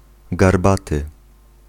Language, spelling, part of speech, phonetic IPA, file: Polish, garbaty, adjective, [ɡarˈbatɨ], Pl-garbaty.ogg